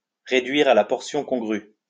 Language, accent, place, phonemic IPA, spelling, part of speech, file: French, France, Lyon, /ʁe.dɥiʁ a la pɔʁ.sjɔ̃ kɔ̃.ɡʁy/, réduire à la portion congrue, verb, LL-Q150 (fra)-réduire à la portion congrue.wav
- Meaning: to minimize, to cut, to reduce to practically nothing